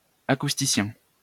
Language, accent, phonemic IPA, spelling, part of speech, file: French, France, /a.kus.ti.sjɛ̃/, acousticien, noun, LL-Q150 (fra)-acousticien.wav
- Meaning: acoustician